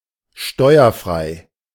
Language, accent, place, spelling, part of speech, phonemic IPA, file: German, Germany, Berlin, steuerfrei, adjective, /ˈʃtɔɪ̯ɐˌfʁaɪ̯/, De-steuerfrei.ogg
- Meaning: free of tax